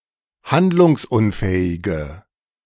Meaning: inflection of handlungsunfähig: 1. strong/mixed nominative/accusative feminine singular 2. strong nominative/accusative plural 3. weak nominative all-gender singular
- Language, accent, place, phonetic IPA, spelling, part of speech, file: German, Germany, Berlin, [ˈhandlʊŋsˌʔʊnfɛːɪɡə], handlungsunfähige, adjective, De-handlungsunfähige.ogg